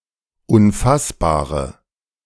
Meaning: inflection of unfassbar: 1. strong/mixed nominative/accusative feminine singular 2. strong nominative/accusative plural 3. weak nominative all-gender singular
- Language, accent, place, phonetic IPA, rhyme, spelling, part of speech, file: German, Germany, Berlin, [ʊnˈfasbaːʁə], -asbaːʁə, unfassbare, adjective, De-unfassbare.ogg